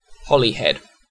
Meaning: 1. A town and community with a town council on Holy Island, in the county of Anglesey, Wales (OS grid ref SH2482) 2. A surname
- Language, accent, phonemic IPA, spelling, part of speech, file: English, UK, /ˈhɒlihɛd/, Holyhead, proper noun, En-uk-Holyhead.ogg